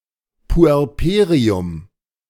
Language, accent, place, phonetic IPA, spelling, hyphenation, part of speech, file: German, Germany, Berlin, [ˌpuɛʁˈpeːʁiʊm], Puerperium, Pu‧er‧pe‧ri‧um, noun, De-Puerperium.ogg
- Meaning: puerperium